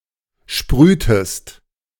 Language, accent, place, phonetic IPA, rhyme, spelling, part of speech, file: German, Germany, Berlin, [ˈʃpʁyːtəst], -yːtəst, sprühtest, verb, De-sprühtest.ogg
- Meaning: inflection of sprühen: 1. second-person singular preterite 2. second-person singular subjunctive II